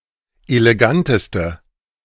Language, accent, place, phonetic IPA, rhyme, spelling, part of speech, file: German, Germany, Berlin, [eleˈɡantəstə], -antəstə, eleganteste, adjective, De-eleganteste.ogg
- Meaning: inflection of elegant: 1. strong/mixed nominative/accusative feminine singular superlative degree 2. strong nominative/accusative plural superlative degree